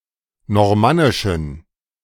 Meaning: inflection of normannisch: 1. strong genitive masculine/neuter singular 2. weak/mixed genitive/dative all-gender singular 3. strong/weak/mixed accusative masculine singular 4. strong dative plural
- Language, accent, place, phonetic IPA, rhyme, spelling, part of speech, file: German, Germany, Berlin, [nɔʁˈmanɪʃn̩], -anɪʃn̩, normannischen, adjective, De-normannischen.ogg